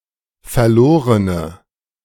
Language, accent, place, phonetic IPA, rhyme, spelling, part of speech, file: German, Germany, Berlin, [fɛɐ̯ˈloːʁənə], -oːʁənə, verlorene, adjective, De-verlorene.ogg
- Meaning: inflection of verloren: 1. strong/mixed nominative/accusative feminine singular 2. strong nominative/accusative plural 3. weak nominative all-gender singular